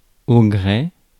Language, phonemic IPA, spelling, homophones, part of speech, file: French, /ɡʁe/, gré, Grées, noun, Fr-gré.ogg
- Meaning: 1. satisfaction, pleasure 2. will; liking